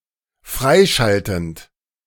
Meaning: present participle of freischalten
- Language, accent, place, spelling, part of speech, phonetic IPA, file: German, Germany, Berlin, freischaltend, verb, [ˈfʁaɪ̯ˌʃaltn̩t], De-freischaltend.ogg